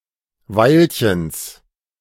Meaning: genitive of Weilchen
- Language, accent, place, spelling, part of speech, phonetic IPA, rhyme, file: German, Germany, Berlin, Weilchens, noun, [ˈvaɪ̯lçəns], -aɪ̯lçəns, De-Weilchens.ogg